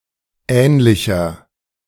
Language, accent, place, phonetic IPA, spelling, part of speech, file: German, Germany, Berlin, [ˈɛːnlɪçɐ], ähnlicher, adjective, De-ähnlicher.ogg
- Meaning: 1. comparative degree of ähnlich 2. inflection of ähnlich: strong/mixed nominative masculine singular 3. inflection of ähnlich: strong genitive/dative feminine singular